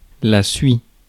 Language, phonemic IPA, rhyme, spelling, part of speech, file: French, /sɥi/, -ɥi, suie, noun, Fr-suie.ogg
- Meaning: soot